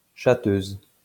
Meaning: female equivalent of chatteur
- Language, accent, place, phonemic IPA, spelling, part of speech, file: French, France, Lyon, /tʃa.tøz/, chatteuse, noun, LL-Q150 (fra)-chatteuse.wav